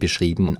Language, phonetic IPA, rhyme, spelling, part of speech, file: German, [bəˈʃʁiːbn̩], -iːbn̩, beschrieben, adjective / verb, De-beschrieben.ogg
- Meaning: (verb) past participle of beschreiben; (adjective) described, delineated; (verb) inflection of beschreiben: 1. first/third-person plural preterite 2. first/third-person plural subjunctive II